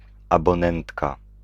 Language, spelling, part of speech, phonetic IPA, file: Polish, abonentka, noun, [ˌabɔ̃ˈnɛ̃ntka], Pl-abonentka.ogg